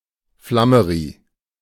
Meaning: flummery (dessert)
- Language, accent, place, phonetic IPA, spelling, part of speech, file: German, Germany, Berlin, [ˈflaməʁi], Flammeri, noun, De-Flammeri.ogg